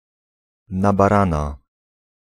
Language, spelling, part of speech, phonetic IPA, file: Polish, na barana, adverbial phrase, [ˌna‿baˈrãna], Pl-na barana.ogg